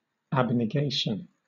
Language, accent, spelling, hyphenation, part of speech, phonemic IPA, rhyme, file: English, Southern England, abnegation, ab‧ne‧ga‧tion, noun, /ˌæbnɪˈɡeɪʃən/, -eɪʃən, LL-Q1860 (eng)-abnegation.wav
- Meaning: A denial; a renunciation; denial of desire or self-interest